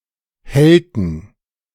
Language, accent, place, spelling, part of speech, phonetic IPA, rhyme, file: German, Germany, Berlin, hellten, verb, [ˈhɛltn̩], -ɛltn̩, De-hellten.ogg
- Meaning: inflection of hellen: 1. first/third-person plural preterite 2. first/third-person plural subjunctive II